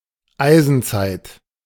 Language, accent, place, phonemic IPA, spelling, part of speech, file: German, Germany, Berlin, /ˈaɪ̯zənˌtsaɪ̯t/, Eisenzeit, noun, De-Eisenzeit.ogg
- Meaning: Iron Age